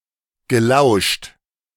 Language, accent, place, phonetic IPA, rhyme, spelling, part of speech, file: German, Germany, Berlin, [ɡəˈlaʊ̯ʃt], -aʊ̯ʃt, gelauscht, verb, De-gelauscht.ogg
- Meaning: past participle of lauschen